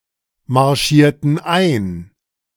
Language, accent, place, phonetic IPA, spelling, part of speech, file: German, Germany, Berlin, [maʁˌʃiːɐ̯tn̩ ˈaɪ̯n], marschierten ein, verb, De-marschierten ein.ogg
- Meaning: inflection of einmarschieren: 1. first/third-person plural preterite 2. first/third-person plural subjunctive II